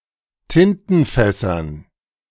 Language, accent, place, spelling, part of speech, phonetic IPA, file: German, Germany, Berlin, Tintenfässern, noun, [ˈtɪntn̩ˌfɛsɐn], De-Tintenfässern.ogg
- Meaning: dative plural of Tintenfass